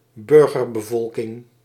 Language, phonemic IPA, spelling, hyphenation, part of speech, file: Dutch, /ˈbʏr.ɣər.bəˌvɔl.kɪŋ/, burgerbevolking, bur‧ger‧be‧vol‧king, noun, Nl-burgerbevolking.ogg
- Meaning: civilian population